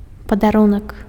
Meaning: gift, present
- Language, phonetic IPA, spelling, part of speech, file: Belarusian, [padaˈrunak], падарунак, noun, Be-падарунак.ogg